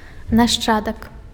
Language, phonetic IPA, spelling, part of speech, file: Belarusian, [naʂˈt͡ʂadak], нашчадак, noun, Be-нашчадак.ogg
- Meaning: descendant